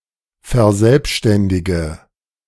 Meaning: inflection of verselbständigen: 1. first-person singular present 2. first/third-person singular subjunctive I 3. singular imperative
- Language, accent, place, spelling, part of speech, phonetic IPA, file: German, Germany, Berlin, verselbständige, verb, [fɛɐ̯ˈzɛlpʃtɛndɪɡə], De-verselbständige.ogg